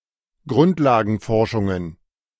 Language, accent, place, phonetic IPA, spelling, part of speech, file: German, Germany, Berlin, [ˈɡʁʊntlaːɡn̩ˌfɔʁʃʊŋən], Grundlagenforschungen, noun, De-Grundlagenforschungen.ogg
- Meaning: plural of Grundlagenforschung